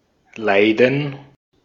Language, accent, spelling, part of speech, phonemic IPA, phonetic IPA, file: German, Austria, Leiden, noun / proper noun, /ˈlaɪ̯dən/, [ˈlaɪ̯dn̩], De-at-Leiden.ogg
- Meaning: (noun) 1. suffering, pain, grief 2. disease; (proper noun) Leiden (a city in South Holland, Netherlands)